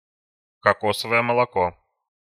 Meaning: coconut milk
- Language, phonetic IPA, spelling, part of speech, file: Russian, [kɐˈkosəvəjə məɫɐˈko], кокосовое молоко, noun, Ru-кокосовое молоко.ogg